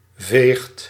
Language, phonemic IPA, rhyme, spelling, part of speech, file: Dutch, /veːxt/, -eːxt, veegt, verb, Nl-veegt.ogg
- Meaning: inflection of vegen: 1. second/third-person singular present indicative 2. plural imperative